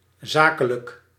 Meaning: 1. to the point, succinct 2. objective, impersonal 3. businesslike
- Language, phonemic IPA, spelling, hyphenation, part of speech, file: Dutch, /ˈzaː.kə.lək/, zakelijk, za‧ke‧lijk, adjective, Nl-zakelijk.ogg